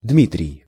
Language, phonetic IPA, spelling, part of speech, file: Russian, [ˈdmʲitrʲɪj], Дмитрий, proper noun, Ru-Дмитрий.ogg
- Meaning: a male given name, Dmitry or its forms, equivalent to English Demetrius, Ukrainian Дмитро (Dmytro), or Belarusian Дзмітрый (Dzmitryj)